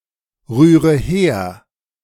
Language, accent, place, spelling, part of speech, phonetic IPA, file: German, Germany, Berlin, rühre her, verb, [ˌʁyːʁə ˈheːɐ̯], De-rühre her.ogg
- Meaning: inflection of herrühren: 1. first-person singular present 2. first/third-person singular subjunctive I 3. singular imperative